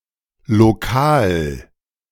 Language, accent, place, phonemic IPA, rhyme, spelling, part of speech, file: German, Germany, Berlin, /loˈkaːl/, -aːl, Lokal, noun, De-Lokal.ogg
- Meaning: 1. A restaurant, especially when small and/or traditional; a pub that serves hot food; an inn 2. A room or facility used for public services